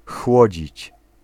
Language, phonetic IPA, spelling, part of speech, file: Polish, [ˈxwɔd͡ʑit͡ɕ], chłodzić, verb, Pl-chłodzić.ogg